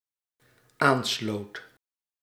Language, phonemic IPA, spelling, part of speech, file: Dutch, /ˈanslot/, aansloot, verb, Nl-aansloot.ogg
- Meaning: singular dependent-clause past indicative of aansluiten